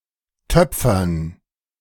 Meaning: 1. gerund of töpfern 2. dative plural of Töpfer
- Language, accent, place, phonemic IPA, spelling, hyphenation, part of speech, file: German, Germany, Berlin, /ˈtœpfɐn/, Töpfern, Töp‧fern, noun, De-Töpfern.ogg